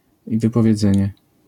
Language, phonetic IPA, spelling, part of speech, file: Polish, [ˌvɨpɔvʲjɛˈd͡zɛ̃ɲɛ], wypowiedzenie, noun, LL-Q809 (pol)-wypowiedzenie.wav